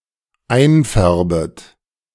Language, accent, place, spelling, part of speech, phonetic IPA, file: German, Germany, Berlin, einfärbet, verb, [ˈaɪ̯nˌfɛʁbət], De-einfärbet.ogg
- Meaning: second-person plural dependent subjunctive I of einfärben